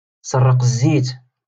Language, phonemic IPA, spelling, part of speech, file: Moroccan Arabic, /sar.raː.q‿ɪz.ziːt/, سراق الزيت, noun, LL-Q56426 (ary)-سراق الزيت.wav
- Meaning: cockroach